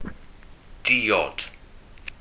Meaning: drink, beverage
- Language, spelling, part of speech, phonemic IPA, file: Welsh, diod, noun, /ˈdiː.ɔd/, Cy-diod.ogg